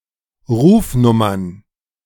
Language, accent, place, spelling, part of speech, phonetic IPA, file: German, Germany, Berlin, Rufnummern, noun, [ˈʁuːfˌnʊmɐn], De-Rufnummern.ogg
- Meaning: plural of Rufnummer